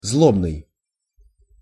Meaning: bitterful, spiteful, malicious, malignant, bitter, wicked
- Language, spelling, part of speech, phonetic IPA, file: Russian, злобный, adjective, [ˈzɫobnɨj], Ru-злобный.ogg